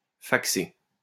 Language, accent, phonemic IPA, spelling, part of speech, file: French, France, /fak.se/, faxer, verb, LL-Q150 (fra)-faxer.wav
- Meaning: to fax (send a document)